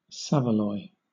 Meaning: A seasoned and smoked pork sausage, normally purchased ready-cooked
- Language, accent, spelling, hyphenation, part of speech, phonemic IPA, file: English, Southern England, saveloy, sa‧ve‧loy, noun, /ˈsævəlɔɪ/, LL-Q1860 (eng)-saveloy.wav